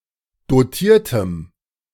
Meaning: strong dative masculine/neuter singular of dotiert
- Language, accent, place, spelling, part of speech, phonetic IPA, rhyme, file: German, Germany, Berlin, dotiertem, adjective, [doˈtiːɐ̯təm], -iːɐ̯təm, De-dotiertem.ogg